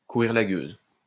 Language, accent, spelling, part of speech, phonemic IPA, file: French, France, courir la gueuse, verb, /ku.ʁiʁ la ɡøz/, LL-Q150 (fra)-courir la gueuse.wav
- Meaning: to chase skirt, to gallivant